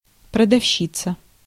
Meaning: female equivalent of продаве́ц (prodavéc): female seller, saleswoman, vender; female shop assistant
- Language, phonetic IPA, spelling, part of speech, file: Russian, [prədɐfˈɕːit͡sə], продавщица, noun, Ru-продавщица.ogg